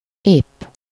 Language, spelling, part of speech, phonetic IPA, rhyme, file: Hungarian, épp, adverb, [ˈeːpː], -eːpː, Hu-épp.ogg
- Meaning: alternative form of éppen (“just, just now, exactly”)